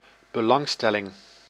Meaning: 1. interest, state of being interested 2. interest, field of interest, hobby 3. attention
- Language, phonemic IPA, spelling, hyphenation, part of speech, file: Dutch, /bəˈlɑŋˌstɛ.lɪŋ/, belangstelling, be‧lang‧stel‧ling, noun, Nl-belangstelling.ogg